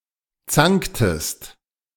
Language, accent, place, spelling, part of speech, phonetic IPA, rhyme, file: German, Germany, Berlin, zanktest, verb, [ˈt͡saŋktəst], -aŋktəst, De-zanktest.ogg
- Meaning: inflection of zanken: 1. second-person singular preterite 2. second-person singular subjunctive II